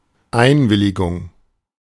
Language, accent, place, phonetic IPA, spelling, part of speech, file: German, Germany, Berlin, [ˈaɪ̯nˌvɪlɪɡʊŋ], Einwilligung, noun, De-Einwilligung.ogg
- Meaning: consent